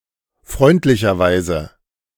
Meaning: kindly
- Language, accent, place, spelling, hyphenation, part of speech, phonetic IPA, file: German, Germany, Berlin, freundlicherweise, freund‧li‧cher‧weise, adverb, [ˈfʁɔɪ̯ntlɪçɐˌvaɪ̯zə], De-freundlicherweise.ogg